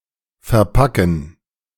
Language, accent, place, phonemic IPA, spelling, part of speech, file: German, Germany, Berlin, /fɛʁˈpakən/, verpacken, verb, De-verpacken.ogg
- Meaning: to pack